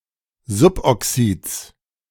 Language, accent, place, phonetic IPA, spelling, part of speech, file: German, Germany, Berlin, [ˈzʊpʔɔˌksiːt͡s], Suboxids, noun, De-Suboxids.ogg
- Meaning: genitive singular of Suboxid